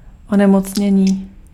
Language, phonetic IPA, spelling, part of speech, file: Czech, [ˈonɛmot͡sɲɛɲiː], onemocnění, noun, Cs-onemocnění.ogg
- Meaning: 1. verbal noun of onemocnět 2. disorder, disease (physical or psychical malfunction)